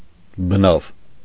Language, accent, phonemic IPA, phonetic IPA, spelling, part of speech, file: Armenian, Eastern Armenian, /bəˈnɑv/, [bənɑ́v], բնավ, adverb, Hy-բնավ.ogg
- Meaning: 1. never, not at all, not ever 2. none (not one, not any)